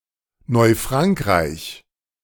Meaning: New France (a group of former French colonies in North America, existing from 1534 to 1763 in much of modern eastern Canada and the United States)
- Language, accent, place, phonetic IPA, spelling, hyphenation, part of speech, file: German, Germany, Berlin, [nɔɪ̯ˈfʁaŋkʁaɪ̯ç], Neufrankreich, Neu‧frank‧reich, proper noun, De-Neufrankreich.ogg